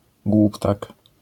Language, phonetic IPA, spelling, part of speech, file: Polish, [ˈɡwuptak], głuptak, noun, LL-Q809 (pol)-głuptak.wav